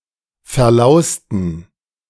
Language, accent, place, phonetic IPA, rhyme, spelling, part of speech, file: German, Germany, Berlin, [fɛɐ̯ˈlaʊ̯stn̩], -aʊ̯stn̩, verlausten, adjective / verb, De-verlausten.ogg
- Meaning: inflection of verlaust: 1. strong genitive masculine/neuter singular 2. weak/mixed genitive/dative all-gender singular 3. strong/weak/mixed accusative masculine singular 4. strong dative plural